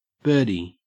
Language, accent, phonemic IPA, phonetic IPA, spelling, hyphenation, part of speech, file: English, Australia, /ˈbɜː.di/, [ˈbɜːɾi], birdie, bird‧ie, noun / verb, En-au-birdie.ogg
- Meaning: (noun) 1. A bird; especially, a small and cute one 2. The completion of a hole one stroke below par 3. A shuttlecock 4. A penis 5. An electromagnetic signal generated from within an electronic device